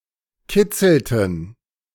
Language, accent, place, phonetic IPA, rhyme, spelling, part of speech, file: German, Germany, Berlin, [ˈkɪt͡sl̩tn̩], -ɪt͡sl̩tn̩, kitzelten, verb, De-kitzelten.ogg
- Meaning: inflection of kitzeln: 1. first/third-person plural preterite 2. first/third-person plural subjunctive II